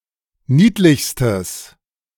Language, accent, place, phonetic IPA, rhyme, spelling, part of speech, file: German, Germany, Berlin, [ˈniːtlɪçstəs], -iːtlɪçstəs, niedlichstes, adjective, De-niedlichstes.ogg
- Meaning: strong/mixed nominative/accusative neuter singular superlative degree of niedlich